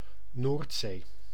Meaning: the North Sea, part of the Atlantic Ocean between Britain, Belgium, the Netherlands, Germany, Scandinavia and France
- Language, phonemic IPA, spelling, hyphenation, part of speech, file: Dutch, /ˈnoːrt.seː/, Noordzee, Noord‧zee, proper noun, Nl-Noordzee.ogg